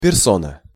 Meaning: person, personage
- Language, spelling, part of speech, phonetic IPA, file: Russian, персона, noun, [pʲɪrˈsonə], Ru-персона.ogg